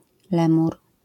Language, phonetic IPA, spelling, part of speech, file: Polish, [ˈlɛ̃mur], lemur, noun, LL-Q809 (pol)-lemur.wav